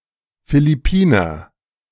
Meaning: Filipino
- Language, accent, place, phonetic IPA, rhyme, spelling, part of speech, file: German, Germany, Berlin, [filɪˈpiːnɐ], -iːnɐ, Philippiner, noun, De-Philippiner.ogg